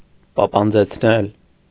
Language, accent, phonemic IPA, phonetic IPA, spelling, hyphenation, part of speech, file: Armenian, Eastern Armenian, /pɑpɑnd͡zet͡sʰˈnel/, [pɑpɑnd͡zet͡sʰnél], պապանձեցնել, պա‧պան‧ձեց‧նել, verb, Hy-պապանձեցնել.ogg
- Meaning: 1. causative of պապանձել (papanjel) 2. causative of պապանձել (papanjel): to put to silence